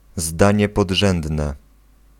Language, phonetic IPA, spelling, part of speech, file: Polish, [ˈzdãɲɛ pɔḍˈʒɛ̃ndnɛ], zdanie podrzędne, noun, Pl-zdanie podrzędne.ogg